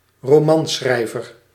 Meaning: novelist
- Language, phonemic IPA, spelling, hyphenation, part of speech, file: Dutch, /roˈmɑns(x)rɛɪvər/, romanschrijver, ro‧man‧schrij‧ver, noun, Nl-romanschrijver.ogg